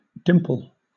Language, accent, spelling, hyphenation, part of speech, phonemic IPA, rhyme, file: English, Southern England, dimple, dimp‧le, noun / verb, /ˈdɪm.pəl/, -ɪmpəl, LL-Q1860 (eng)-dimple.wav
- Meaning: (noun) A small depression or indentation in a surface